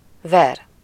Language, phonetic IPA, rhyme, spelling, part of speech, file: Hungarian, [ˈvɛr], -ɛr, ver, verb, Hu-ver.ogg
- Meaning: 1. to beat, bang, throb 2. to mill 3. to mint, strike 4. to pant, palpitate